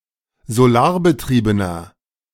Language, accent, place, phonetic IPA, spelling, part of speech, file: German, Germany, Berlin, [zoˈlaːɐ̯bəˌtʁiːbənɐ], solarbetriebener, adjective, De-solarbetriebener.ogg
- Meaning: inflection of solarbetrieben: 1. strong/mixed nominative masculine singular 2. strong genitive/dative feminine singular 3. strong genitive plural